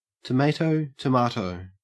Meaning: Used to dismiss a correction to one's adherence to an alternative standard
- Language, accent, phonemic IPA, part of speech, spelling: English, Australia, /təˈmeɪtoʊ təˈmɑːtoʊ/, phrase, tomayto, tomahto